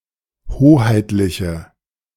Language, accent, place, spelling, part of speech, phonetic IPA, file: German, Germany, Berlin, hoheitliche, adjective, [ˈhoːhaɪ̯tlɪçə], De-hoheitliche.ogg
- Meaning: inflection of hoheitlich: 1. strong/mixed nominative/accusative feminine singular 2. strong nominative/accusative plural 3. weak nominative all-gender singular